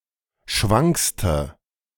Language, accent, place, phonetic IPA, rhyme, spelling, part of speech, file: German, Germany, Berlin, [ˈʃvaŋkstə], -aŋkstə, schwankste, adjective, De-schwankste.ogg
- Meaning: inflection of schwank: 1. strong/mixed nominative/accusative feminine singular superlative degree 2. strong nominative/accusative plural superlative degree